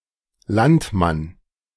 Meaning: 1. labourer; farmer 2. peasant, countryman (country dweller)
- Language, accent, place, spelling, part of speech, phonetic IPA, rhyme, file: German, Germany, Berlin, Landmann, noun, [ˈlantˌman], -antman, De-Landmann.ogg